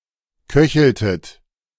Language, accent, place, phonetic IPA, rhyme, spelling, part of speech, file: German, Germany, Berlin, [ˈkœçl̩tət], -œçl̩tət, köcheltet, verb, De-köcheltet.ogg
- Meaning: inflection of köcheln: 1. second-person plural preterite 2. second-person plural subjunctive II